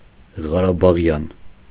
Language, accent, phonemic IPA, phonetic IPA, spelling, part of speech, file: Armenian, Eastern Armenian, /ʁɑɾɑbɑˈʁjɑn/, [ʁɑɾɑbɑʁjɑ́n], ղարաբաղյան, adjective, Hy-ղարաբաղյան.ogg
- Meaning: Karabakh, Karabakhian (of or pertaining to Karabakh, Nagorno-Karabakh or Nagorno-Karabakh Republic)